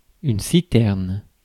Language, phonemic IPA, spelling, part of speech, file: French, /si.tɛʁn/, citerne, noun, Fr-citerne.ogg
- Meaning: cistern